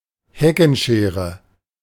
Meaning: hedge cutters, hedge shears, hedge trimmer, hedge clippers
- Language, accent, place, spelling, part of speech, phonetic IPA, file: German, Germany, Berlin, Heckenschere, noun, [ˈhɛkənˌʃeːʁə], De-Heckenschere.ogg